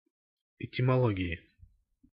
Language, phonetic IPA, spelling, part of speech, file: Russian, [ɪtʲɪmɐˈɫoɡʲɪɪ], этимологии, noun, Ru-этимологии.ogg
- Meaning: inflection of этимоло́гия (etimológija): 1. genitive/dative/prepositional singular 2. nominative/accusative plural